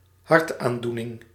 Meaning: heart disease
- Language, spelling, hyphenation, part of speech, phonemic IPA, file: Dutch, hartaandoening, hart‧aan‧doe‧ning, noun, /ˈɦɑrtˌanduːnɪŋ/, Nl-hartaandoening.ogg